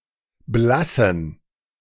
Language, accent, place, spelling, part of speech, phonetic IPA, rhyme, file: German, Germany, Berlin, blassen, verb / adjective, [ˈblasn̩], -asn̩, De-blassen.ogg
- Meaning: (verb) Switzerland and Liechtenstein standard spelling of blaßen; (adjective) inflection of blass: 1. strong genitive masculine/neuter singular 2. weak/mixed genitive/dative all-gender singular